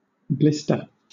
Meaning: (noun) A small bubble between the layers of the skin that contains watery or bloody fluid and is caused by friction and pressure, burning, freezing, chemical irritation, disease, or infection
- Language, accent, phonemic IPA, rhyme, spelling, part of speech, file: English, Southern England, /ˈblɪstə(ɹ)/, -ɪstə(ɹ), blister, noun / verb, LL-Q1860 (eng)-blister.wav